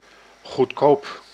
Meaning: 1. cheap, inexpensive, affordable 2. cheap (of inferior quality or little value) 3. cheap, being uncharitable or simplistic
- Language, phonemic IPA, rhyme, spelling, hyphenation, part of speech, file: Dutch, /ɣutˈkoːp/, -oːp, goedkoop, goed‧koop, adjective, Nl-goedkoop.ogg